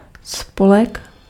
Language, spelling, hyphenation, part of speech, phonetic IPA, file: Czech, spolek, spo‧lek, noun, [ˈspolɛk], Cs-spolek.ogg
- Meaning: 1. association, club, society 2. alliance, union